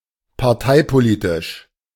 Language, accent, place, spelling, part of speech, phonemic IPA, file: German, Germany, Berlin, parteipolitisch, adjective, /paʁˈtaɪ̯poˌliːtɪʃ/, De-parteipolitisch.ogg
- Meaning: party political